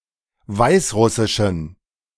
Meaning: inflection of weißrussisch: 1. strong genitive masculine/neuter singular 2. weak/mixed genitive/dative all-gender singular 3. strong/weak/mixed accusative masculine singular 4. strong dative plural
- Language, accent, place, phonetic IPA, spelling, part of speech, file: German, Germany, Berlin, [ˈvaɪ̯sˌʁʊsɪʃn̩], weißrussischen, adjective, De-weißrussischen.ogg